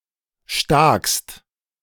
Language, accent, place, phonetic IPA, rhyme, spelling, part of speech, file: German, Germany, Berlin, [ʃtaːkst], -aːkst, stakst, verb, De-stakst.ogg
- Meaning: 1. inflection of staksen: second/third-person singular present 2. inflection of staksen: second-person plural present/imperative 3. second-person singular present of staken